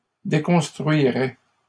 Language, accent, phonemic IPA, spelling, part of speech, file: French, Canada, /de.kɔ̃s.tʁɥi.ʁɛ/, déconstruirais, verb, LL-Q150 (fra)-déconstruirais.wav
- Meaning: first/second-person singular conditional of déconstruire